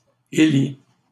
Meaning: inflection of élire: 1. first/second-person singular present indicative 2. second-person singular imperative
- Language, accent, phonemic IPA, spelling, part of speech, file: French, Canada, /e.li/, élis, verb, LL-Q150 (fra)-élis.wav